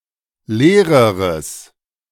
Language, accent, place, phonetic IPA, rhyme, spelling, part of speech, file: German, Germany, Berlin, [ˈleːʁəʁəs], -eːʁəʁəs, leereres, adjective, De-leereres.ogg
- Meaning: strong/mixed nominative/accusative neuter singular comparative degree of leer